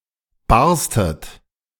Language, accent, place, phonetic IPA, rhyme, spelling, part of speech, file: German, Germany, Berlin, [ˈbaʁstət], -aʁstət, barstet, verb, De-barstet.ogg
- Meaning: second-person plural preterite of bersten